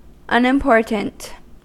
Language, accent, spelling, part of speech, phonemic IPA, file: English, US, unimportant, adjective, /ˌʌnɪmˈpɔɹtənt/, En-us-unimportant.ogg
- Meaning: petty; not important or noteworthy